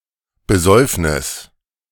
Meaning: drinking binge
- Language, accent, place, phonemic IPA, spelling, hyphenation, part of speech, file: German, Germany, Berlin, /bəˈzɔɪ̯fnɪs/, Besäufnis, Be‧säuf‧nis, noun, De-Besäufnis.ogg